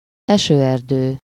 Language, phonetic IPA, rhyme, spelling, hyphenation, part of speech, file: Hungarian, [ˈɛʃøːɛrdøː], -døː, esőerdő, eső‧er‧dő, noun, Hu-esőerdő.ogg
- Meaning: rainforest